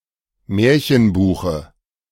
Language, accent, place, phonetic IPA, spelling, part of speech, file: German, Germany, Berlin, [ˈmɛːɐ̯çənˌbuːxə], Märchenbuche, noun, De-Märchenbuche.ogg
- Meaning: dative singular of Märchenbuch